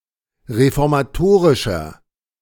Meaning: 1. comparative degree of reformatorisch 2. inflection of reformatorisch: strong/mixed nominative masculine singular 3. inflection of reformatorisch: strong genitive/dative feminine singular
- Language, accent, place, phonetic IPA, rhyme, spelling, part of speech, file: German, Germany, Berlin, [ʁefɔʁmaˈtoːʁɪʃɐ], -oːʁɪʃɐ, reformatorischer, adjective, De-reformatorischer.ogg